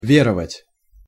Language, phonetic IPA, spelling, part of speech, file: Russian, [ˈvʲerəvətʲ], веровать, verb, Ru-веровать.ogg
- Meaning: to believe (in, especially to believe in God)